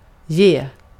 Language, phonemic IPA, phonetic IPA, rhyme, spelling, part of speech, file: Swedish, /jeː/, [ˈjeːə], -eː, ge, verb, Sv-ge.ogg
- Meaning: 1. to give 2. to give up, to surrender, to quit 3. to give (to exhibit as a product or result; to produce; to yield)